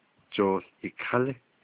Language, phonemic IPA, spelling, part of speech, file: Navajo, /t͡ʃòːɬ jɪ̀kʰɑ̀lɪ́/, jooł yikalí, noun, Nv-jooł yikalí.ogg
- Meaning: 1. baseball 2. softball